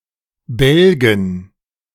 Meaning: dative plural of Balg
- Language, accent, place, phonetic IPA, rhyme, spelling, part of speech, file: German, Germany, Berlin, [ˈbɛlɡn̩], -ɛlɡn̩, Bälgen, noun, De-Bälgen.ogg